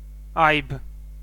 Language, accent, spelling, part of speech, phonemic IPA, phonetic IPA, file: Armenian, Eastern Armenian, այբ, noun, /ɑjb/, [ɑjb], Hy-EA-այբ.ogg
- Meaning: the name of the Armenian letter ա (a)